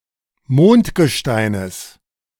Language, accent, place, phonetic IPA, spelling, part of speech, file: German, Germany, Berlin, [ˈmoːntɡəˌʃtaɪ̯nəs], Mondgesteines, noun, De-Mondgesteines.ogg
- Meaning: genitive singular of Mondgestein